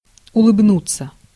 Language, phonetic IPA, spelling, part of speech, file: Russian, [ʊɫɨbˈnut͡sːə], улыбнуться, verb, Ru-улыбнуться.ogg
- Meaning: 1. to smile 2. passive of улыбну́ть (ulybnútʹ)